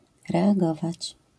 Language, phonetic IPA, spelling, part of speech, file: Polish, [ˌrɛaˈɡɔvat͡ɕ], reagować, verb, LL-Q809 (pol)-reagować.wav